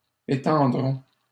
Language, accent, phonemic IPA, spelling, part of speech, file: French, Canada, /e.tɑ̃.dʁɔ̃/, étendrons, verb, LL-Q150 (fra)-étendrons.wav
- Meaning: first-person plural simple future of étendre